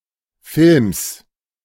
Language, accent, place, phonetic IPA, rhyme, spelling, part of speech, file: German, Germany, Berlin, [fɪlms], -ɪlms, Films, noun, De-Films.ogg
- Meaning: genitive singular of Film